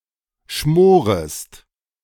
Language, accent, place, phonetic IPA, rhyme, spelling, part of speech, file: German, Germany, Berlin, [ˈʃmoːʁəst], -oːʁəst, schmorest, verb, De-schmorest.ogg
- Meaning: second-person singular subjunctive I of schmoren